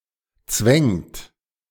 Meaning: inflection of zwängen: 1. third-person singular present 2. second-person plural present 3. plural imperative
- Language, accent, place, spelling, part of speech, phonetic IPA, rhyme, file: German, Germany, Berlin, zwängt, verb, [t͡svɛŋt], -ɛŋt, De-zwängt.ogg